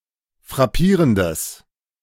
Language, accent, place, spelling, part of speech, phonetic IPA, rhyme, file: German, Germany, Berlin, frappierendes, adjective, [fʁaˈpiːʁəndəs], -iːʁəndəs, De-frappierendes.ogg
- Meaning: strong/mixed nominative/accusative neuter singular of frappierend